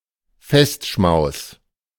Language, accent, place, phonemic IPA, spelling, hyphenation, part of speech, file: German, Germany, Berlin, /ˈfɛstˌʃmaʊ̯s/, Festschmaus, Fest‧schmaus, noun, De-Festschmaus.ogg
- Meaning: feast